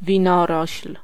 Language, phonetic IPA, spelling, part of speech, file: Polish, [vʲĩˈnɔrɔɕl̥], winorośl, noun, Pl-winorośl.ogg